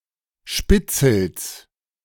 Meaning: genitive singular of Spitzel
- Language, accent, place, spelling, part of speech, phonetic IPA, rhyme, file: German, Germany, Berlin, Spitzels, noun, [ˈʃpɪt͡sl̩s], -ɪt͡sl̩s, De-Spitzels.ogg